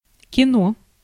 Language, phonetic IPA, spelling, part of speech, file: Russian, [kʲɪˈno], кино, noun, Ru-кино.ogg
- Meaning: 1. movie, motion picture, film 2. movies, cinema, the pictures